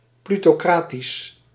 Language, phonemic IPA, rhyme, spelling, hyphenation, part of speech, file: Dutch, /ˌply.toːˈkraː.tis/, -aːtis, plutocratisch, plu‧to‧cra‧tisch, adjective, Nl-plutocratisch.ogg
- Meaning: plutocratic